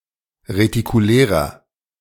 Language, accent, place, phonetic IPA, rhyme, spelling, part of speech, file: German, Germany, Berlin, [ʁetikuˈlɛːʁɐ], -ɛːʁɐ, retikulärer, adjective, De-retikulärer.ogg
- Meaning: inflection of retikulär: 1. strong/mixed nominative masculine singular 2. strong genitive/dative feminine singular 3. strong genitive plural